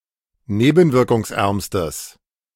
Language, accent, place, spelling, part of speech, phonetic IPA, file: German, Germany, Berlin, nebenwirkungsärmstes, adjective, [ˈneːbn̩vɪʁkʊŋsˌʔɛʁmstəs], De-nebenwirkungsärmstes.ogg
- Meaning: strong/mixed nominative/accusative neuter singular superlative degree of nebenwirkungsarm